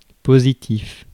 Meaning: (adjective) 1. positive (characteristic) 2. positive or zero. nonnegative 3. positive (for e.g. a drug test); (noun) 1. positive, something positive 2. positive (electrical polarity) 3. positive form
- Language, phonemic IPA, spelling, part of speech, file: French, /po.zi.tif/, positif, adjective / noun, Fr-positif.ogg